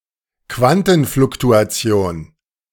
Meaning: quantum fluctuation
- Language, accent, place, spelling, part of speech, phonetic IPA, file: German, Germany, Berlin, Quantenfluktuation, noun, [ˈkvantn̩flʊktuaˌt͡si̯oːn], De-Quantenfluktuation.ogg